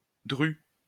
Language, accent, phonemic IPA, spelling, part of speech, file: French, France, /dʁy/, dru, adjective / adverb, LL-Q150 (fra)-dru.wav
- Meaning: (adjective) thick; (adverb) 1. thickly 2. heavily